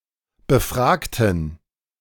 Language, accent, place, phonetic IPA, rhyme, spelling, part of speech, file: German, Germany, Berlin, [bəˈfʁaːktn̩], -aːktn̩, befragten, adjective / verb, De-befragten.ogg
- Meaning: inflection of befragen: 1. first/third-person plural preterite 2. first/third-person plural subjunctive II